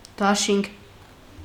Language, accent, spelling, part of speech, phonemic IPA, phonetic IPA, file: Armenian, Eastern Armenian, դաշինք, noun, /dɑˈʃinkʰ/, [dɑʃíŋkʰ], Hy-դաշինք.ogg
- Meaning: 1. union, alliance 2. agreement, treaty; pact